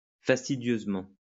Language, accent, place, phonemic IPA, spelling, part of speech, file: French, France, Lyon, /fas.ti.djøz.mɑ̃/, fastidieusement, adverb, LL-Q150 (fra)-fastidieusement.wav
- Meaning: tiresomely; boringly